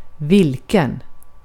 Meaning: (determiner) which (interrogative determiner); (pronoun) 1. which, what, which one(s), who (plural), whom (plural) (interrogative pronoun) 2. which, who (plural), whom (plural) (relative pronoun)
- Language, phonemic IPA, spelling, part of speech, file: Swedish, /ˈvɪ(l)kɛn/, vilken, determiner / pronoun / adjective, Sv-vilken.ogg